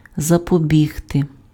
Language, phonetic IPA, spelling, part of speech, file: Ukrainian, [zɐpoˈbʲiɦte], запобігти, verb, Uk-запобігти.ogg
- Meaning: to prevent, to forestall, to avert